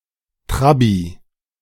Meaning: alternative form of Trabi
- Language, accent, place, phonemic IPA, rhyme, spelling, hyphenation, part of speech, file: German, Germany, Berlin, /ˈtʁabi/, -abi, Trabbi, Trab‧bi, noun, De-Trabbi.ogg